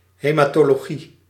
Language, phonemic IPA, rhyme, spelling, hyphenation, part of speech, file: Dutch, /ˌɦeː.maːˈtoː.loːˈɣi/, -i, hematologie, he‧ma‧to‧lo‧gie, noun, Nl-hematologie.ogg
- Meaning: haematology